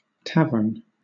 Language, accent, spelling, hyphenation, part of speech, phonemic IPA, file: English, Southern England, tavern, tav‧ern, noun, /ˈtævən/, LL-Q1860 (eng)-tavern.wav
- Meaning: 1. A restaurant or bar 2. A building containing a bar licensed to sell alcoholic drinks, and offering sleeping accommodations for travelers